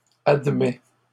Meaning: third-person singular present indicative of admettre
- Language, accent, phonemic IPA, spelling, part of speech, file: French, Canada, /ad.mɛ/, admet, verb, LL-Q150 (fra)-admet.wav